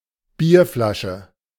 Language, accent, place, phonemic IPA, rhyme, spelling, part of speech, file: German, Germany, Berlin, /ˈbiːɐ̯flaʃə/, -aʃə, Bierflasche, noun, De-Bierflasche.ogg
- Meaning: beer bottle